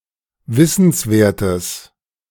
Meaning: strong/mixed nominative/accusative neuter singular of wissenswert
- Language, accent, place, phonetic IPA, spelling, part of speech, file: German, Germany, Berlin, [ˈvɪsn̩sˌveːɐ̯təs], wissenswertes, adjective, De-wissenswertes.ogg